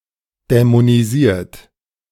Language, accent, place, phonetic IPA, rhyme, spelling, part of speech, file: German, Germany, Berlin, [dɛmoniˈziːɐ̯t], -iːɐ̯t, dämonisiert, verb, De-dämonisiert.ogg
- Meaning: 1. past participle of dämonisieren 2. inflection of dämonisieren: third-person singular present 3. inflection of dämonisieren: second-person plural present